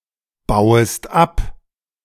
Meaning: second-person singular subjunctive I of abbauen
- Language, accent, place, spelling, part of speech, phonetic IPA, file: German, Germany, Berlin, bauest ab, verb, [ˌbaʊ̯əst ˈap], De-bauest ab.ogg